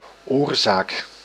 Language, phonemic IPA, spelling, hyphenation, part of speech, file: Dutch, /ˈorzak/, oorzaak, oor‧zaak, noun, Nl-oorzaak.ogg
- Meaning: cause